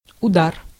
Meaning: 1. hit, blow, strike, kick, punch, cuff 2. the sound of such an impact 3. the quality or ability of such an impact 4. a quick, sudden offensive 5. bombardment, shelling
- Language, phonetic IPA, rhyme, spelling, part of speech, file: Russian, [ʊˈdar], -ar, удар, noun, Ru-удар.ogg